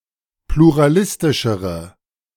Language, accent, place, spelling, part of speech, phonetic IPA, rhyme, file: German, Germany, Berlin, pluralistischere, adjective, [pluʁaˈlɪstɪʃəʁə], -ɪstɪʃəʁə, De-pluralistischere.ogg
- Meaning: inflection of pluralistisch: 1. strong/mixed nominative/accusative feminine singular comparative degree 2. strong nominative/accusative plural comparative degree